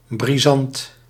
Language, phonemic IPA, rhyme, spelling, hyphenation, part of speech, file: Dutch, /briˈzɑnt/, -ɑnt, brisant, bri‧sant, adjective, Nl-brisant.ogg
- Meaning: fast, snappy, explosive